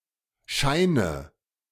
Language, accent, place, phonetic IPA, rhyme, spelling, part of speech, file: German, Germany, Berlin, [ˈʃaɪ̯nə], -aɪ̯nə, scheine, verb, De-scheine.ogg
- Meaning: inflection of scheinen: 1. first-person singular present 2. first/third-person singular subjunctive I 3. singular imperative